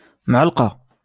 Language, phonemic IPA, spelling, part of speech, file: Moroccan Arabic, /mʕal.qa/, معلقة, noun, LL-Q56426 (ary)-معلقة.wav
- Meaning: spoon (utensil)